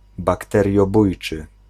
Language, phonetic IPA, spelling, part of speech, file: Polish, [ˌbaktɛrʲjɔˈbujt͡ʃɨ], bakteriobójczy, adjective, Pl-bakteriobójczy.ogg